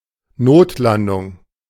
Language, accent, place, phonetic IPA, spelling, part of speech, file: German, Germany, Berlin, [ˈnoːtˌlandʊŋ], Notlandung, noun, De-Notlandung.ogg
- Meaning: emergency landing, forced landing